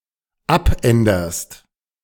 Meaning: second-person singular dependent present of abändern
- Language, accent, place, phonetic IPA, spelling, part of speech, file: German, Germany, Berlin, [ˈapˌʔɛndɐst], abänderst, verb, De-abänderst.ogg